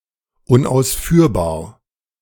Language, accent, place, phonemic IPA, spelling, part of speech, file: German, Germany, Berlin, /ʊnʔaʊ̯sˈfyːɐ̯baːɐ̯/, unausführbar, adjective, De-unausführbar.ogg
- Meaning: 1. impracticable 2. unfeasible